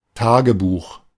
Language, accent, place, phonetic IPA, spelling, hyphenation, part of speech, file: German, Germany, Berlin, [ˈtaːɡəˌbuːχ], Tagebuch, Ta‧ge‧buch, noun, De-Tagebuch.ogg
- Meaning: diary, journal